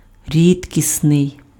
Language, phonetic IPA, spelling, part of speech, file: Ukrainian, [ˈrʲidʲkʲisnei̯], рідкісний, adjective, Uk-рідкісний.ogg
- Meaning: rare